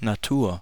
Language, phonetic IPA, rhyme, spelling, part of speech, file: German, [naˈtuːɐ̯], -uːɐ̯, Natur, noun, De-Natur.ogg
- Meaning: 1. nature (the natural world) 2. wilderness, the wild, natural scenery 3. disposition, constitution, essence 4. temperament, temper, frame of mind